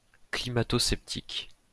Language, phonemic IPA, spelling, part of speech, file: French, /kli.ma.to.sɛp.tik/, climato-sceptique, noun / adjective, LL-Q150 (fra)-climato-sceptique.wav
- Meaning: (noun) climate change skeptic, climate denier; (adjective) climate change skeptic